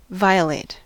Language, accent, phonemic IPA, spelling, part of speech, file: English, US, /ˈvaɪəˌleɪt/, violate, verb / adjective, En-us-violate.ogg
- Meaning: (verb) 1. To break or disregard (a rule or convention) 2. To rape 3. To cite (a person) for a parole violation; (adjective) 1. Subject to violation 2. Synonym of violated 3. Morally impure